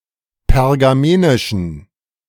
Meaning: inflection of pergamenisch: 1. strong genitive masculine/neuter singular 2. weak/mixed genitive/dative all-gender singular 3. strong/weak/mixed accusative masculine singular 4. strong dative plural
- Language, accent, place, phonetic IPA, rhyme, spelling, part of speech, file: German, Germany, Berlin, [pɛʁɡaˈmeːnɪʃn̩], -eːnɪʃn̩, pergamenischen, adjective, De-pergamenischen.ogg